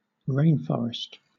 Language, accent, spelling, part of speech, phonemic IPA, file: English, Southern England, rainforest, noun, /ˈɹeɪn.fɒɹ.ɪst/, LL-Q1860 (eng)-rainforest.wav
- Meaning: A forest in a climate with high annual rainfall and no dry season